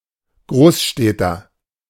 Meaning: inhabitant of a large city
- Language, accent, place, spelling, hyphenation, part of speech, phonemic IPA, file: German, Germany, Berlin, Großstädter, Groß‧städ‧ter, noun, /ˈɡʁoːsʃtɛtɐ/, De-Großstädter.ogg